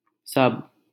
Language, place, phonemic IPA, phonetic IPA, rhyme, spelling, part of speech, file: Hindi, Delhi, /səb/, [sɐb], -əb, सब, determiner / pronoun / adjective, LL-Q1568 (hin)-सब.wav
- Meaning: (determiner) 1. all 2. every; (pronoun) all; everyone, everybody; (adjective) of all